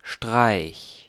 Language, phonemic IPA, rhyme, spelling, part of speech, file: German, /ʃtʁaɪ̯ç/, -aɪ̯ç, Streich, noun, De-Streich.ogg
- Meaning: 1. stroke (act of striking e.g. with a hand or a cutting weapon) 2. feat, coup (quick and decisive act) 3. practical joke, prank